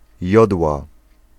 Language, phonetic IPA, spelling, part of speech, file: Polish, [ˈjɔdwa], jodła, noun, Pl-jodła.ogg